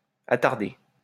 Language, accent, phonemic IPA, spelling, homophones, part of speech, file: French, France, /a.taʁ.de/, attardé, attardai / attardée / attardées / attarder / attardés / attardez, verb / adjective / noun, LL-Q150 (fra)-attardé.wav
- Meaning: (verb) past participle of attarder; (adjective) retarded; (noun) retard